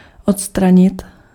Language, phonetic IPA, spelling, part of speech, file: Czech, [ˈotstraɲɪt], odstranit, verb, Cs-odstranit.ogg
- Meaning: 1. to remove 2. to eliminate (to completely destroy something so that it no longer exists)